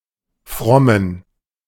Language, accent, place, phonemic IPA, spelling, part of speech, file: German, Germany, Berlin, /ˈfʁɔmən/, frommen, verb / adjective, De-frommen.ogg
- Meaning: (verb) to be useful, to serve; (adjective) inflection of fromm: 1. strong genitive masculine/neuter singular 2. weak/mixed genitive/dative all-gender singular